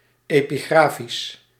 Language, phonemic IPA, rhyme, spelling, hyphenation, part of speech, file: Dutch, /ˌeː.piˈɣraː.fis/, -aːfis, epigrafisch, epi‧gra‧fisch, adjective, Nl-epigrafisch.ogg
- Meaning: epigraphic